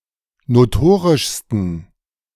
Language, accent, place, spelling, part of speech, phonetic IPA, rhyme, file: German, Germany, Berlin, notorischsten, adjective, [noˈtoːʁɪʃstn̩], -oːʁɪʃstn̩, De-notorischsten.ogg
- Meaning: 1. superlative degree of notorisch 2. inflection of notorisch: strong genitive masculine/neuter singular superlative degree